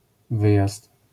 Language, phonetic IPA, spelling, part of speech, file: Polish, [ˈvɨjast], wyjazd, noun, LL-Q809 (pol)-wyjazd.wav